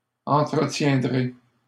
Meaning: second-person plural simple future of entretenir
- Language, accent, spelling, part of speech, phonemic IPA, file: French, Canada, entretiendrez, verb, /ɑ̃.tʁə.tjɛ̃.dʁe/, LL-Q150 (fra)-entretiendrez.wav